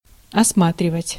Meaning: 1. to examine, to survey, to inspect 2. to see, to see round, to look round
- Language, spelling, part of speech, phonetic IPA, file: Russian, осматривать, verb, [ɐsˈmatrʲɪvətʲ], Ru-осматривать.ogg